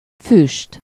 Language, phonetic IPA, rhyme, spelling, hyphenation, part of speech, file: Hungarian, [ˈfyʃt], -yʃt, füst, füst, noun, Hu-füst.ogg
- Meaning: smoke